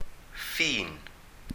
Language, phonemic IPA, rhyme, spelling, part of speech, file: Welsh, /fiːn/, -iːn, ffin, noun, Cy-ffin.ogg
- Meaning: 1. boundary, bound, limit, parameter, barrier, border 2. margin